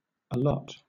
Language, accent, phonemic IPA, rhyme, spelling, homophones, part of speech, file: English, Southern England, /əˈlɒt/, -ɒt, allot, a lot, verb / adverb / noun, LL-Q1860 (eng)-allot.wav
- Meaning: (verb) 1. To distribute or apportion by (or as if by) lot 2. To assign or designate as a task or for a purpose 3. to intend; reckon; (adverb) Misspelling of a lot